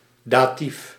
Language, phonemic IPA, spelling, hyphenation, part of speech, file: Dutch, /ˈdaː.tif/, datief, da‧tief, noun, Nl-datief.ogg
- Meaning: dative case